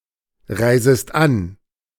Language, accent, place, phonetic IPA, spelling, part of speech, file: German, Germany, Berlin, [ˌʁaɪ̯zəst ˈan], reisest an, verb, De-reisest an.ogg
- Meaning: second-person singular subjunctive I of anreisen